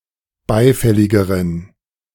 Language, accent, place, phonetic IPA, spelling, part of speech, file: German, Germany, Berlin, [ˈbaɪ̯ˌfɛlɪɡəʁən], beifälligeren, adjective, De-beifälligeren.ogg
- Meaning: inflection of beifällig: 1. strong genitive masculine/neuter singular comparative degree 2. weak/mixed genitive/dative all-gender singular comparative degree